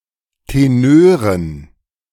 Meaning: dative plural of Tenor
- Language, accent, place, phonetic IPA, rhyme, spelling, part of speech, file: German, Germany, Berlin, [teˈnøːʁən], -øːʁən, Tenören, noun, De-Tenören.ogg